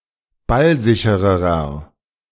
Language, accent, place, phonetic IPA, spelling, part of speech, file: German, Germany, Berlin, [ˈbalˌzɪçəʁəʁɐ], ballsichererer, adjective, De-ballsichererer.ogg
- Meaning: inflection of ballsicher: 1. strong/mixed nominative masculine singular comparative degree 2. strong genitive/dative feminine singular comparative degree 3. strong genitive plural comparative degree